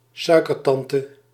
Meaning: a wealthy aunt who is generous or whose fortune one expects to inherit
- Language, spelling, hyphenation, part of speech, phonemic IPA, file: Dutch, suikertante, sui‧ker‧tan‧te, noun, /ˈsœy̯.kərˌtɑn.tə/, Nl-suikertante.ogg